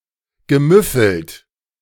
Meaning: past participle of müffeln
- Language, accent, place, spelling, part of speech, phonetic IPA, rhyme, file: German, Germany, Berlin, gemüffelt, verb, [ɡəˈmʏfl̩t], -ʏfl̩t, De-gemüffelt.ogg